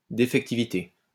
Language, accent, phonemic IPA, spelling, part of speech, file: French, France, /de.fɛk.ti.vi.te/, défectivité, noun, LL-Q150 (fra)-défectivité.wav
- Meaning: defectivity